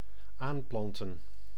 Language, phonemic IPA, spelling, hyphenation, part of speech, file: Dutch, /ˈaːmˌplɑn.tə(n)/, aanplanten, aan‧plan‧ten, verb, Nl-aanplanten.ogg
- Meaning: to plant (with connotation of considerable size, considerable quantity, replenishment or expansion)